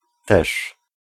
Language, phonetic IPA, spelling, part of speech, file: Polish, [tɛʃ], też, particle / pronoun, Pl-też.ogg